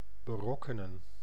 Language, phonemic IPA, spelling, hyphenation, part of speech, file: Dutch, /bəˈrɔkənə(n)/, berokkenen, be‧rok‧ke‧nen, verb, Nl-berokkenen.ogg
- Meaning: to cause, to bring about (something negative)